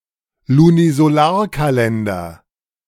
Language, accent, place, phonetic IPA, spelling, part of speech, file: German, Germany, Berlin, [lunizoˈlaːɐ̯kaˌlɛndɐ], Lunisolarkalender, noun, De-Lunisolarkalender.ogg
- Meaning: lunisolar calendar